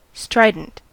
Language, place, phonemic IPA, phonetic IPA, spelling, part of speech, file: English, California, /ˈstɹaɪ.dənt/, [ˈstɹaɪ.dn̩t], strident, adjective / noun, En-us-strident.ogg
- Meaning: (adjective) 1. Loud; shrill, piercing, high-pitched; rough-sounding 2. Grating or obnoxious 3. Forceful (typically in a negative way) or obtrusive